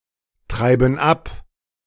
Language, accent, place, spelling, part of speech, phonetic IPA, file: German, Germany, Berlin, treiben ab, verb, [ˌtʁaɪ̯bn̩ ˈap], De-treiben ab.ogg
- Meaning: inflection of abtreiben: 1. first/third-person plural present 2. first/third-person plural subjunctive I